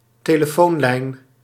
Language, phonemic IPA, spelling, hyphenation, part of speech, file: Dutch, /teː.ləˈfoːnˌlɛi̯n/, telefoonlijn, te‧le‧foon‧lijn, noun, Nl-telefoonlijn.ogg
- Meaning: telephone line